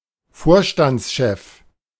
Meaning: managing director, CEO
- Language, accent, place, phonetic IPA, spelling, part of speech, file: German, Germany, Berlin, [ˈfoːɐ̯ʃtant͡sˌʃɛf], Vorstandschef, noun, De-Vorstandschef.ogg